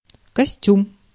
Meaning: 1. suit (suit of clothes, men’s suit or women’s suit) 2. costume
- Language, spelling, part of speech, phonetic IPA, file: Russian, костюм, noun, [kɐˈsʲtʲum], Ru-костюм.ogg